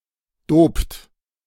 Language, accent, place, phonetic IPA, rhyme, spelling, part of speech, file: German, Germany, Berlin, [doːpt], -oːpt, dopt, verb, De-dopt.ogg
- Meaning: inflection of dopen: 1. third-person singular present 2. second-person plural present 3. plural imperative